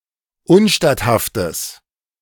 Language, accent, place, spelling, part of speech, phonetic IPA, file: German, Germany, Berlin, unstatthaftes, adjective, [ˈʊnˌʃtathaftəs], De-unstatthaftes.ogg
- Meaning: strong/mixed nominative/accusative neuter singular of unstatthaft